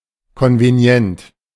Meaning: convenient
- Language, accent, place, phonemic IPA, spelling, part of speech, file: German, Germany, Berlin, /ˌkɔnveˈni̯ɛnt/, konvenient, adjective, De-konvenient.ogg